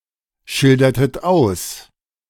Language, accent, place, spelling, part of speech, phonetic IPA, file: German, Germany, Berlin, schildertet aus, verb, [ˌʃɪldɐtət ˈaʊ̯s], De-schildertet aus.ogg
- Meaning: inflection of ausschildern: 1. second-person plural preterite 2. second-person plural subjunctive II